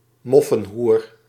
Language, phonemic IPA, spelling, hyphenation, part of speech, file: Dutch, /ˈmɔ.fə(n)ˌɦur/, moffenhoer, mof‧fen‧hoer, noun, Nl-moffenhoer.ogg
- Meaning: a woman who had a romantic relation with a German soldier during World War II, who were subject to vigilantism, in particular forced head shaving, after the war